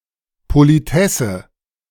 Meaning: female traffic warden, traffic directrix
- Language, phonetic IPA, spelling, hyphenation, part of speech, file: German, [ˌpoliˈtɛsə], Politesse, Po‧li‧tes‧se, noun, De-Politesse.ogg